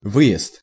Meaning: 1. departure, leaving 2. exit, egress; gateway 3. exit road 4. emigration
- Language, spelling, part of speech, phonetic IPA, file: Russian, выезд, noun, [ˈvɨ(j)ɪst], Ru-выезд.ogg